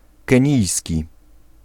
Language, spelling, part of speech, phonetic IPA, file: Polish, kenijski, adjective, [kɛ̃ˈɲijsʲci], Pl-kenijski.ogg